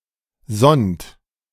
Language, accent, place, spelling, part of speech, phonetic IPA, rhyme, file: German, Germany, Berlin, sonnt, verb, [zɔnt], -ɔnt, De-sonnt.ogg
- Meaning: inflection of sonnen: 1. third-person singular present 2. second-person plural present 3. plural imperative